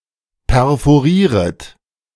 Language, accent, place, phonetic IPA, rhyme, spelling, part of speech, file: German, Germany, Berlin, [pɛʁfoˈʁiːʁət], -iːʁət, perforieret, verb, De-perforieret.ogg
- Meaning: second-person plural subjunctive I of perforieren